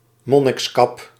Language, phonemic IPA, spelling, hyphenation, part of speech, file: Dutch, /ˈmɔ.nɪksˌkɑp/, monnikskap, mon‧niks‧kap, noun, Nl-monnikskap.ogg
- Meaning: 1. A monk's hood, part of his habit 2. aconite, monkshood (any plant of genus Aconitum) 3. Aconitum napellus